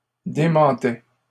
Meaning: first/second-person singular imperfect indicative of démentir
- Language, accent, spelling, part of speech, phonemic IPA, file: French, Canada, démentais, verb, /de.mɑ̃.tɛ/, LL-Q150 (fra)-démentais.wav